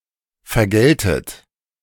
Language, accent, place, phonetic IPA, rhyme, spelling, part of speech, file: German, Germany, Berlin, [fɛɐ̯ˈɡɛltət], -ɛltət, vergeltet, verb, De-vergeltet.ogg
- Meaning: inflection of vergelten: 1. second-person plural present 2. second-person plural subjunctive I 3. plural imperative